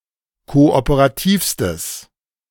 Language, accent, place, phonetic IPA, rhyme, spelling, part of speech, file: German, Germany, Berlin, [ˌkoʔopəʁaˈtiːfstəs], -iːfstəs, kooperativstes, adjective, De-kooperativstes.ogg
- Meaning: strong/mixed nominative/accusative neuter singular superlative degree of kooperativ